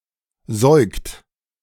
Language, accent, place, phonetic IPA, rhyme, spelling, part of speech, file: German, Germany, Berlin, [zɔɪ̯kt], -ɔɪ̯kt, säugt, verb, De-säugt.ogg
- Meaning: inflection of säugen: 1. third-person singular present 2. second-person plural present 3. plural imperative